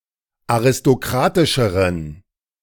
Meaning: inflection of aristokratisch: 1. strong genitive masculine/neuter singular comparative degree 2. weak/mixed genitive/dative all-gender singular comparative degree
- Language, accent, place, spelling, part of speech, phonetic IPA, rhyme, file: German, Germany, Berlin, aristokratischeren, adjective, [aʁɪstoˈkʁaːtɪʃəʁən], -aːtɪʃəʁən, De-aristokratischeren.ogg